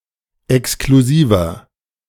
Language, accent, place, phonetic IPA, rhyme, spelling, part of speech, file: German, Germany, Berlin, [ɛkskluˈziːvɐ], -iːvɐ, exklusiver, adjective, De-exklusiver.ogg
- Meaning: 1. comparative degree of exklusiv 2. inflection of exklusiv: strong/mixed nominative masculine singular 3. inflection of exklusiv: strong genitive/dative feminine singular